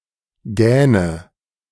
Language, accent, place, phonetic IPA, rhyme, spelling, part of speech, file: German, Germany, Berlin, [ˈɡɛːnə], -ɛːnə, gähne, verb, De-gähne.ogg
- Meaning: inflection of gähnen: 1. first-person singular present 2. first/third-person singular subjunctive I 3. singular imperative